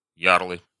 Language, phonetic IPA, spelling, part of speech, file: Russian, [ˈjarɫɨ], ярлы, noun, Ru-ярлы.ogg
- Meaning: nominative plural of ярл (jarl)